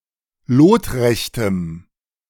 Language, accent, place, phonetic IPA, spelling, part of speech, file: German, Germany, Berlin, [ˈloːtˌʁɛçtəm], lotrechtem, adjective, De-lotrechtem.ogg
- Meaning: strong dative masculine/neuter singular of lotrecht